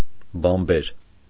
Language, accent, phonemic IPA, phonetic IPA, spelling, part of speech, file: Armenian, Eastern Armenian, /bɑnˈbeɾ/, [bɑnbéɾ], բանբեր, noun, Hy-բանբեր.ogg
- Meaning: messenger, envoy, herald